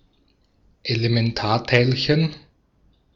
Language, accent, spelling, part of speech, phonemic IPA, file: German, Austria, Elementarteilchen, noun, /elemɛnˈtaːa̯taɪ̯lɕən/, De-at-Elementarteilchen.ogg
- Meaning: elementary particle (fundamental particle)